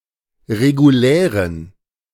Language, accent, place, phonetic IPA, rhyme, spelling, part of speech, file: German, Germany, Berlin, [ʁeɡuˈlɛːʁən], -ɛːʁən, regulären, adjective, De-regulären.ogg
- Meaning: inflection of regulär: 1. strong genitive masculine/neuter singular 2. weak/mixed genitive/dative all-gender singular 3. strong/weak/mixed accusative masculine singular 4. strong dative plural